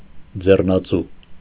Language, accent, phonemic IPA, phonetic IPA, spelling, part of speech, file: Armenian, Eastern Armenian, /d͡zernɑˈt͡su/, [d͡zernɑt͡sú], ձեռնածու, noun, Hy-ձեռնածու.ogg
- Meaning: juggler, conjurer